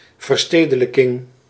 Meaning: urbanisation
- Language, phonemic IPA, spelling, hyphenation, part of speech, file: Dutch, /vərˈsteː.də.lə.kɪŋ/, verstedelijking, ver‧ste‧de‧lij‧king, noun, Nl-verstedelijking.ogg